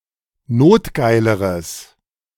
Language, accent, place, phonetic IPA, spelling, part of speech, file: German, Germany, Berlin, [ˈnoːtˌɡaɪ̯ləʁəs], notgeileres, adjective, De-notgeileres.ogg
- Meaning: strong/mixed nominative/accusative neuter singular comparative degree of notgeil